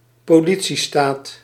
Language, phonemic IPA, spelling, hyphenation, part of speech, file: Dutch, /poːˈli.(t)siˌstaːt/, politiestaat, po‧li‧tie‧staat, noun, Nl-politiestaat.ogg
- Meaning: a police state